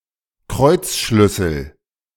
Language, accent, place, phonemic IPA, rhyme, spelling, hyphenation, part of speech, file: German, Germany, Berlin, /ˈkʁɔɪ̯t͡sˌʃlʏsl̩/, -ʏsl̩, Kreuzschlüssel, Kreuz‧schlüs‧sel, noun, De-Kreuzschlüssel.ogg
- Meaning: lug wrench, wheel brace